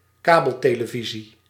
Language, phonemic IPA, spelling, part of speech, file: Dutch, /ˈkabəlˌteləˌvizi/, kabeltelevisie, noun, Nl-kabeltelevisie.ogg
- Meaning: cable television